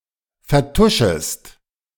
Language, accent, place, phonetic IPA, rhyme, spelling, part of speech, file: German, Germany, Berlin, [fɛɐ̯ˈtʊʃəst], -ʊʃəst, vertuschest, verb, De-vertuschest.ogg
- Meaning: second-person singular subjunctive I of vertuschen